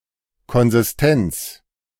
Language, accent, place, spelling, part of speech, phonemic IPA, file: German, Germany, Berlin, Konsistenz, noun, /ˌkɔnzɪsˈtɛnt͡s/, De-Konsistenz.ogg
- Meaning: consistency